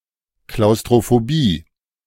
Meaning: claustrophobia
- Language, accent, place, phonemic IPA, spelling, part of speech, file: German, Germany, Berlin, /klaʊ̯stʁofoˈbiː/, Klaustrophobie, noun, De-Klaustrophobie.ogg